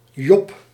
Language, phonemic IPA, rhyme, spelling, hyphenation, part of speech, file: Dutch, /dʒɔp/, -ɔp, job, job, noun, Nl-job.ogg
- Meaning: job